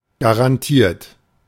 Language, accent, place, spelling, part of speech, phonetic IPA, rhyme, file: German, Germany, Berlin, garantiert, verb, [ɡaʁanˈtiːɐ̯t], -iːɐ̯t, De-garantiert.ogg
- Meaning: 1. past participle of garantieren 2. inflection of garantieren: third-person singular present 3. inflection of garantieren: second-person plural present 4. inflection of garantieren: plural imperative